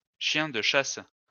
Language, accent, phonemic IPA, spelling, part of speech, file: French, France, /ʃjɛ̃ d(ə) ʃas/, chien de chasse, noun, LL-Q150 (fra)-chien de chasse.wav
- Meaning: hunting dog, hound